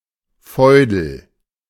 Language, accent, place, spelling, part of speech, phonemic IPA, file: German, Germany, Berlin, Feudel, noun, /ˈfɔʏ̯dəl/, De-Feudel.ogg
- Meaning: a cloth for cleaning, especially a floorcloth